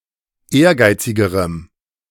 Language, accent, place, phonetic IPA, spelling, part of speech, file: German, Germany, Berlin, [ˈeːɐ̯ˌɡaɪ̯t͡sɪɡəʁəm], ehrgeizigerem, adjective, De-ehrgeizigerem.ogg
- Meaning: strong dative masculine/neuter singular comparative degree of ehrgeizig